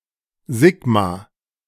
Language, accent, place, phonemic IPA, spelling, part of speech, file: German, Germany, Berlin, /ˈzɪɡma/, Sigma, noun, De-Sigma.ogg
- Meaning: sigma (Greek letter)